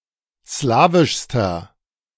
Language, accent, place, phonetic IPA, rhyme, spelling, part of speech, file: German, Germany, Berlin, [ˈslaːvɪʃstɐ], -aːvɪʃstɐ, slawischster, adjective, De-slawischster.ogg
- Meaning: inflection of slawisch: 1. strong/mixed nominative masculine singular superlative degree 2. strong genitive/dative feminine singular superlative degree 3. strong genitive plural superlative degree